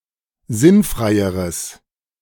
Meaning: strong/mixed nominative/accusative neuter singular comparative degree of sinnfrei
- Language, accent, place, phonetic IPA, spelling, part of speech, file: German, Germany, Berlin, [ˈzɪnˌfʁaɪ̯əʁəs], sinnfreieres, adjective, De-sinnfreieres.ogg